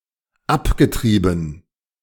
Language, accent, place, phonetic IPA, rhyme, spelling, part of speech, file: German, Germany, Berlin, [ˈapɡəˌtʁiːbn̩], -apɡətʁiːbn̩, abgetrieben, verb, De-abgetrieben.ogg
- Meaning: past participle of abtreiben